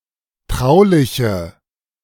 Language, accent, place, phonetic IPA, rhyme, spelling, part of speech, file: German, Germany, Berlin, [ˈtʁaʊ̯lɪçə], -aʊ̯lɪçə, trauliche, adjective, De-trauliche.ogg
- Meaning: inflection of traulich: 1. strong/mixed nominative/accusative feminine singular 2. strong nominative/accusative plural 3. weak nominative all-gender singular